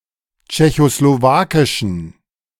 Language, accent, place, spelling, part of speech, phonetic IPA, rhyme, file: German, Germany, Berlin, tschechoslowakischen, adjective, [t͡ʃɛçosloˈvaːkɪʃn̩], -aːkɪʃn̩, De-tschechoslowakischen.ogg
- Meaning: inflection of tschechoslowakisch: 1. strong genitive masculine/neuter singular 2. weak/mixed genitive/dative all-gender singular 3. strong/weak/mixed accusative masculine singular